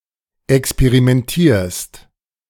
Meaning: second-person singular present of experimentieren
- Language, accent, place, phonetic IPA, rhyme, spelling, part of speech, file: German, Germany, Berlin, [ɛkspeʁimɛnˈtiːɐ̯st], -iːɐ̯st, experimentierst, verb, De-experimentierst.ogg